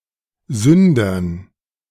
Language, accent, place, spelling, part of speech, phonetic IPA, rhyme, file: German, Germany, Berlin, Sündern, noun, [ˈzʏndɐn], -ʏndɐn, De-Sündern.ogg
- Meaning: dative plural of Sünder